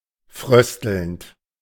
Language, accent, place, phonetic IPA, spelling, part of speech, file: German, Germany, Berlin, [ˈfʁœstl̩nt], fröstelnd, verb, De-fröstelnd.ogg
- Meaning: present participle of frösteln